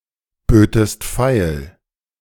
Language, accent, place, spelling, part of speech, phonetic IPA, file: German, Germany, Berlin, bötest feil, verb, [ˌbøːtəst ˈfaɪ̯l], De-bötest feil.ogg
- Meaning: second-person singular subjunctive I of feilbieten